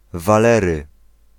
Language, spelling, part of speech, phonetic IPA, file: Polish, Walery, proper noun, [vaˈlɛrɨ], Pl-Walery.ogg